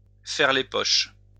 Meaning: to pick (someone's) pocket, to pickpocket
- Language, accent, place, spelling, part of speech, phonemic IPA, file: French, France, Lyon, faire les poches, verb, /fɛʁ le pɔʃ/, LL-Q150 (fra)-faire les poches.wav